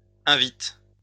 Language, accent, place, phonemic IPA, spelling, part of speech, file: French, France, Lyon, /ɛ̃.vit/, invites, verb, LL-Q150 (fra)-invites.wav
- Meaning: second-person singular present indicative/subjunctive of inviter